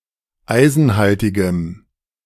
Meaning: strong dative masculine/neuter singular of eisenhaltig
- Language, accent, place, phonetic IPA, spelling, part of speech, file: German, Germany, Berlin, [ˈaɪ̯zn̩ˌhaltɪɡəm], eisenhaltigem, adjective, De-eisenhaltigem.ogg